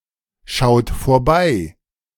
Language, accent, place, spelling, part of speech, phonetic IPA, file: German, Germany, Berlin, schaut vorbei, verb, [ˌʃaʊ̯t foːɐ̯ˈbaɪ̯], De-schaut vorbei.ogg
- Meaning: inflection of vorbeischauen: 1. second-person plural present 2. third-person singular present 3. plural imperative